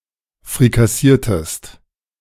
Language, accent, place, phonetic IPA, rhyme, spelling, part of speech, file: German, Germany, Berlin, [fʁikaˈsiːɐ̯təst], -iːɐ̯təst, frikassiertest, verb, De-frikassiertest.ogg
- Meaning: inflection of frikassieren: 1. second-person singular preterite 2. second-person singular subjunctive II